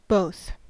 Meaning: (determiner) Each of the two; one and the other; referring to two individuals or items; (pronoun) Each of the two, or of the two kinds; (conjunction) Including both of (used with and)
- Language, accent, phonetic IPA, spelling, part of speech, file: English, US, [boʊθ], both, determiner / pronoun / conjunction, En-us-both.ogg